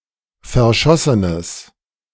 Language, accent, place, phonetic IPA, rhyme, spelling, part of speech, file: German, Germany, Berlin, [fɛɐ̯ˈʃɔsənəs], -ɔsənəs, verschossenes, adjective, De-verschossenes.ogg
- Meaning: strong/mixed nominative/accusative neuter singular of verschossen